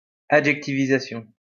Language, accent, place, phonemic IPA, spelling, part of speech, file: French, France, Lyon, /a.dʒɛk.ti.vi.za.sjɔ̃/, adjectivisation, noun, LL-Q150 (fra)-adjectivisation.wav
- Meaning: synonym of adjectivation